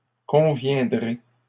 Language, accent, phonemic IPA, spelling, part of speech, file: French, Canada, /kɔ̃.vjɛ̃.dʁe/, conviendrez, verb, LL-Q150 (fra)-conviendrez.wav
- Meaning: second-person plural future of convenir